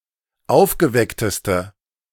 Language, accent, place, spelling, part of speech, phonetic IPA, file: German, Germany, Berlin, aufgeweckteste, adjective, [ˈaʊ̯fɡəˌvɛktəstə], De-aufgeweckteste.ogg
- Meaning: inflection of aufgeweckt: 1. strong/mixed nominative/accusative feminine singular superlative degree 2. strong nominative/accusative plural superlative degree